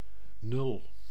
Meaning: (numeral) zero, nought; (noun) 1. a zero, naught, the numerical expression of none, nothing 2. a score of zero, the worst possible result 3. a good-for-nothing, worth-/use-less person
- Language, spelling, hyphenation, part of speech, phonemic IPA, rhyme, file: Dutch, nul, nul, numeral / noun / adjective, /nʏl/, -ʏl, Nl-nul.ogg